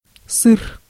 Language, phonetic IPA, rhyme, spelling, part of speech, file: Russian, [sɨr], -ɨr, сыр, noun / adjective, Ru-сыр.ogg
- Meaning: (noun) cheese; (adjective) short masculine singular of сыро́й (syrój)